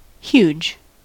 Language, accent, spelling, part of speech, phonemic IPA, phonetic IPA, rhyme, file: English, US, huge, adjective, /hjud͡ʒ/, [ç(j)u̟d͡ʒ], -uːdʒ, En-us-huge.ogg
- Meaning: 1. Very large 2. Very strong, powerful, or dedicated 3. Very interesting, significant, or popular